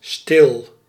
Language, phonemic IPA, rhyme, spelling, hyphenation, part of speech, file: Dutch, /stɪl/, -ɪl, stil, stil, adjective, Nl-stil.ogg
- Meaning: 1. still, not moving 2. silent, soundless 3. quiet, pacific